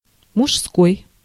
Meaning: 1. male 2. masculine 3. man's, gentleman's
- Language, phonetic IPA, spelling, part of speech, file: Russian, [mʊʂˈskoj], мужской, adjective, Ru-мужской.ogg